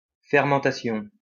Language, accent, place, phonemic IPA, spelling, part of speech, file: French, France, Lyon, /fɛʁ.mɑ̃.ta.sjɔ̃/, fermentation, noun, LL-Q150 (fra)-fermentation.wav
- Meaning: fermentation